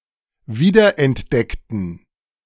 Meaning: inflection of wiederentdecken: 1. first/third-person plural preterite 2. first/third-person plural subjunctive II
- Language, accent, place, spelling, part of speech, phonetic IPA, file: German, Germany, Berlin, wiederentdeckten, adjective / verb, [ˈviːdɐʔɛntˌdɛktn̩], De-wiederentdeckten.ogg